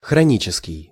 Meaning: chronic
- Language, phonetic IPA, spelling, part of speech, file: Russian, [xrɐˈnʲit͡ɕɪskʲɪj], хронический, adjective, Ru-хронический.ogg